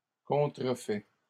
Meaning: masculine plural of contrefait
- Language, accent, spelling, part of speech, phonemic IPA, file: French, Canada, contrefaits, verb, /kɔ̃.tʁə.fɛ/, LL-Q150 (fra)-contrefaits.wav